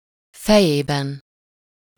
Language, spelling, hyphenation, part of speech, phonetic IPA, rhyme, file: Hungarian, fejében, fe‧jé‧ben, postposition / noun, [ˈfɛjeːbɛn], -ɛn, Hu-fejében.ogg
- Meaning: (postposition) in return for something, in exchange, as a means of reciprocating; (noun) inessive of feje